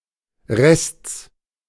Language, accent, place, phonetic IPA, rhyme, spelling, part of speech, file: German, Germany, Berlin, [ʁɛst͡s], -ɛst͡s, Rests, noun, De-Rests.ogg
- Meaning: genitive singular of Rest